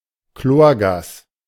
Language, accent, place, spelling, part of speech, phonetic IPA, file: German, Germany, Berlin, Chlorgas, noun, [ˈkloːɐ̯ˌɡaːs], De-Chlorgas.ogg
- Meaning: chlorine gas